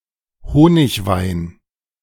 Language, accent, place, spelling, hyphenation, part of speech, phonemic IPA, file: German, Germany, Berlin, Honigwein, Ho‧nig‧wein, noun, /ˈhoːnɪçˌvaɪ̯n/, De-Honigwein.ogg
- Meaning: mead